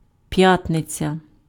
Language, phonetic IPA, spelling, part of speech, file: Ukrainian, [ˈpjatnet͡sʲɐ], п'ятниця, noun, Uk-п'ятниця.ogg
- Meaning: Friday